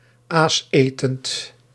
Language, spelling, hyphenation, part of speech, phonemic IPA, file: Dutch, aasetend, aas‧etend, adjective, /ˈaːsˌeː.tənt/, Nl-aasetend.ogg
- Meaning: scavenging (eating carrion)